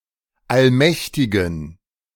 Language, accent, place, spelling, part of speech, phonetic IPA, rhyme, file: German, Germany, Berlin, allmächtigen, adjective, [alˈmɛçtɪɡn̩], -ɛçtɪɡn̩, De-allmächtigen.ogg
- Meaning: inflection of allmächtig: 1. strong genitive masculine/neuter singular 2. weak/mixed genitive/dative all-gender singular 3. strong/weak/mixed accusative masculine singular 4. strong dative plural